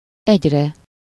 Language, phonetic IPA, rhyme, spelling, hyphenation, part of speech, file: Hungarian, [ˈɛɟrɛ], -rɛ, egyre, egy‧re, numeral / adverb, Hu-egyre.ogg
- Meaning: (numeral) sublative singular of egy; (adverb) 1. continually, uninterruptedly, on and on, ever 2. increasingly (more/less/…), more and more, less and less, …-er and …-er